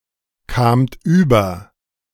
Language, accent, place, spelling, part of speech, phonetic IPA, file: German, Germany, Berlin, kamt über, verb, [ˌkaːmt ˈyːbɐ], De-kamt über.ogg
- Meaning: second-person plural preterite of überkommen